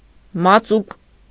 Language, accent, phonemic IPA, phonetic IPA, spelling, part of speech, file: Armenian, Eastern Armenian, /mɑˈt͡suk/, [mɑt͡súk], մածուկ, noun, Hy-մածուկ.ogg
- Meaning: paste